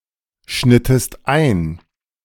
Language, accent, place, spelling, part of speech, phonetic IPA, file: German, Germany, Berlin, schnittest ein, verb, [ˌʃnɪtəst ˈaɪ̯n], De-schnittest ein.ogg
- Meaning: inflection of einschneiden: 1. second-person singular preterite 2. second-person singular subjunctive II